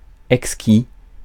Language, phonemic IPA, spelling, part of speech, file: French, /ɛk.ski/, exquis, adjective, Fr-exquis.ogg
- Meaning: exquisite